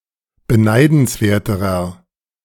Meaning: inflection of beneidenswert: 1. strong/mixed nominative masculine singular comparative degree 2. strong genitive/dative feminine singular comparative degree
- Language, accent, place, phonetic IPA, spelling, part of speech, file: German, Germany, Berlin, [bəˈnaɪ̯dn̩sˌveːɐ̯təʁɐ], beneidenswerterer, adjective, De-beneidenswerterer.ogg